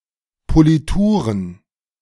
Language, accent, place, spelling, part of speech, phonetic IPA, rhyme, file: German, Germany, Berlin, Polituren, noun, [poliˈtuːʁən], -uːʁən, De-Polituren.ogg
- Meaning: plural of Politur